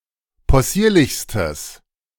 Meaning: strong/mixed nominative/accusative neuter singular superlative degree of possierlich
- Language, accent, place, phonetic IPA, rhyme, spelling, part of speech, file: German, Germany, Berlin, [pɔˈsiːɐ̯lɪçstəs], -iːɐ̯lɪçstəs, possierlichstes, adjective, De-possierlichstes.ogg